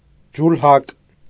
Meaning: weaver
- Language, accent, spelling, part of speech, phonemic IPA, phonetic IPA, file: Armenian, Eastern Armenian, ջուլհակ, noun, /d͡ʒulˈhɑk/, [d͡ʒulhɑ́k], Hy-ջուլհակ.ogg